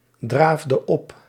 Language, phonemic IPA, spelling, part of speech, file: Dutch, /ˈdravdə ˈɔp/, draafde op, verb, Nl-draafde op.ogg
- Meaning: inflection of opdraven: 1. singular past indicative 2. singular past subjunctive